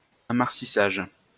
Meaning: Mars landing (of a spacecraft)
- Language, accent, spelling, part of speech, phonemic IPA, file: French, France, amarsissage, noun, /a.maʁ.si.saʒ/, LL-Q150 (fra)-amarsissage.wav